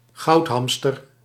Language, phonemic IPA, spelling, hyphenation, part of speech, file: Dutch, /ˈɣɑu̯tˌɦɑm.stər/, goudhamster, goud‧ham‧ster, noun, Nl-goudhamster.ogg
- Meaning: golden hamster (Mesocricetus auratus)